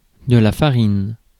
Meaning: 1. flour, specifically wheat flour 2. feed, animal food
- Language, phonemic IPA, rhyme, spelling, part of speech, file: French, /fa.ʁin/, -in, farine, noun, Fr-farine.ogg